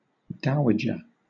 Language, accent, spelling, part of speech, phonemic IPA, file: English, Southern England, dowager, noun, /ˈdaʊədʒə/, LL-Q1860 (eng)-dowager.wav
- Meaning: A widow holding property or title derived from her late husband